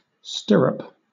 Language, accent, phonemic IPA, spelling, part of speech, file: English, Southern England, /ˈstɪ.ɹəp/, stirrup, noun / adjective, LL-Q1860 (eng)-stirrup.wav
- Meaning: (noun) 1. A ring or hoop suspended by a rope or strap from the saddle, for a horseman's foot while mounting or riding 2. Any piece shaped like the stirrup of a saddle, used as a support, clamp, etc